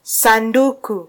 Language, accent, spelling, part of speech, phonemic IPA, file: Swahili, Kenya, sanduku, noun, /sɑˈⁿdu.ku/, Sw-ke-sanduku.flac
- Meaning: box